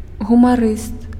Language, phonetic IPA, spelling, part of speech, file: Belarusian, [ɣumaˈrɨst], гумарыст, noun, Be-гумарыст.ogg
- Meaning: humorist, comedian